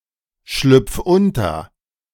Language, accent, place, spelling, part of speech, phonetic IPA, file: German, Germany, Berlin, schlüpf unter, verb, [ˌʃlʏp͡f ˈʊntɐ], De-schlüpf unter.ogg
- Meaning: 1. singular imperative of unterschlüpfen 2. first-person singular present of unterschlüpfen